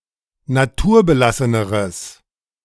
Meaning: strong/mixed nominative/accusative neuter singular comparative degree of naturbelassen
- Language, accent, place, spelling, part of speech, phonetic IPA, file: German, Germany, Berlin, naturbelasseneres, adjective, [naˈtuːɐ̯bəˌlasənəʁəs], De-naturbelasseneres.ogg